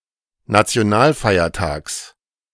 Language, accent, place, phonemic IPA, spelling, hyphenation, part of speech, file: German, Germany, Berlin, /nat͡si̯oˈnaːlˌfaɪ̯ɐtaːks/, Nationalfeiertags, Na‧ti‧o‧nal‧fei‧er‧tags, noun, De-Nationalfeiertags.ogg
- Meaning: genitive singular of Nationalfeiertag